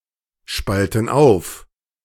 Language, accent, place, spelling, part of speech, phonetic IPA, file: German, Germany, Berlin, spalten auf, verb, [ˌʃpaltn̩ ˈaʊ̯f], De-spalten auf.ogg
- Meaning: inflection of aufspalten: 1. first/third-person plural present 2. first/third-person plural subjunctive I